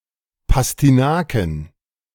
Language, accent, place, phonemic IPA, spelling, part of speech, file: German, Germany, Berlin, /pastiˈnaːkə/, Pastinaken, noun, De-Pastinaken.ogg
- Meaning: plural of Pastinake